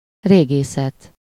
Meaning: archaeology, archeology (US)
- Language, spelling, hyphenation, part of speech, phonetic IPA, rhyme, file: Hungarian, régészet, ré‧gé‧szet, noun, [ˈreːɡeːsɛt], -ɛt, Hu-régészet.ogg